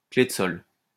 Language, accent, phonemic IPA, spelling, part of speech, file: French, France, /kle d(ə) sɔl/, clé de sol, noun, LL-Q150 (fra)-clé de sol.wav
- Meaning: alternative spelling of clef de sol